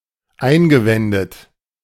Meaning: past participle of einwenden
- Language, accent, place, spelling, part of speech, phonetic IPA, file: German, Germany, Berlin, eingewendet, verb, [ˈaɪ̯nɡəˌvɛndət], De-eingewendet.ogg